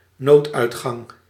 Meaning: emergency exit
- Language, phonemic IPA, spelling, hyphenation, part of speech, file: Dutch, /ˈnoːt.œy̯tˌxɑŋ/, nooduitgang, nood‧uit‧gang, noun, Nl-nooduitgang.ogg